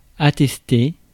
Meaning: to attest; to support with evidence
- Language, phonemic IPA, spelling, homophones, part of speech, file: French, /a.tɛs.te/, attester, attesté / attestée / attestées / attestés / attestez, verb, Fr-attester.ogg